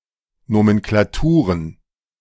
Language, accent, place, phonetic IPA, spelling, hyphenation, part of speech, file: German, Germany, Berlin, [ˌnomɛnklaˈtuːʁən], Nomenklaturen, No‧men‧kla‧tu‧ren, noun, De-Nomenklaturen.ogg
- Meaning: plural of Nomenklatur